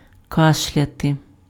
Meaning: to cough
- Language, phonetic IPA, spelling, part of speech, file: Ukrainian, [ˈkaʃlʲɐte], кашляти, verb, Uk-кашляти.ogg